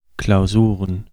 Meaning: plural of Klausur
- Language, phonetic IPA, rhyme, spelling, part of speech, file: German, [klaʊ̯ˈzuːʁən], -uːʁən, Klausuren, noun, De-Klausuren.ogg